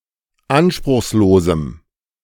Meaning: strong dative masculine/neuter singular of anspruchslos
- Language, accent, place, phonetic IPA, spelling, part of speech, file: German, Germany, Berlin, [ˈanʃpʁʊxsˌloːzm̩], anspruchslosem, adjective, De-anspruchslosem.ogg